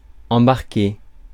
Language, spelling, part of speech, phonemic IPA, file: French, embarquer, verb, /ɑ̃.baʁ.ke/, Fr-embarquer.ogg
- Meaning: 1. to board (a vehicle) 2. to embark (to set off on a journey) 3. To embark (upon)